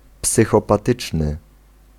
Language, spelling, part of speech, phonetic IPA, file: Polish, psychopatyczny, adjective, [ˌpsɨxɔpaˈtɨt͡ʃnɨ], Pl-psychopatyczny.ogg